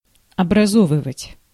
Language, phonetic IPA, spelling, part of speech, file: Russian, [ɐbrɐˈzovɨvətʲ], образовывать, verb, Ru-образовывать.ogg
- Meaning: to form, to make, to make up, to produce